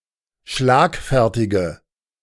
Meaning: inflection of schlagfertig: 1. strong/mixed nominative/accusative feminine singular 2. strong nominative/accusative plural 3. weak nominative all-gender singular
- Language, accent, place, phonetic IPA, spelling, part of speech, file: German, Germany, Berlin, [ˈʃlaːkˌfɛʁtɪɡə], schlagfertige, adjective, De-schlagfertige.ogg